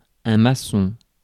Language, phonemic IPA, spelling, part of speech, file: French, /ma.sɔ̃/, maçon, noun, Fr-maçon.ogg
- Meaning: 1. bricklayer, mason, builder 2. Mason, Freemason